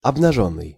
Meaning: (verb) past passive perfective participle of обнажи́ть (obnažítʹ); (adjective) 1. naked, bare (of a person) 2. not having leaves 3. sincere, candid 4. naked (vice etc.; inanimate)
- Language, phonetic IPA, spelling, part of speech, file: Russian, [ɐbnɐˈʐonːɨj], обнажённый, verb / adjective, Ru-обнажённый.ogg